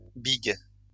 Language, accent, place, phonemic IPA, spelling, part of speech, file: French, France, Lyon, /biɡ/, bigue, noun, LL-Q150 (fra)-bigue.wav
- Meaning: a type of spar used as a crane